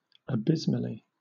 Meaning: Very; incredibly; profoundly; to an extreme degree; dreadfully
- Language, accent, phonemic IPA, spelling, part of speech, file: English, Southern England, /əˈbɪz.ml̩.i/, abysmally, adverb, LL-Q1860 (eng)-abysmally.wav